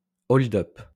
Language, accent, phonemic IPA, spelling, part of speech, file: French, France, /ɔl.dœp/, hold-up, noun, LL-Q150 (fra)-hold-up.wav
- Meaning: hold-up (robbery)